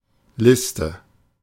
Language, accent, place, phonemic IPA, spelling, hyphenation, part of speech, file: German, Germany, Berlin, /ˈlɪstə/, Liste, Lis‧te, noun, De-Liste.ogg
- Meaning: list